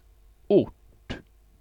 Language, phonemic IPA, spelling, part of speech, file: Swedish, /ʊʈː/, ort, noun, Sv-ort.ogg
- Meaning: 1. locality, place, location; a group of houses (of any size: hamlet, village, town, city...) 2. adit (horizontal tunnel in a mine)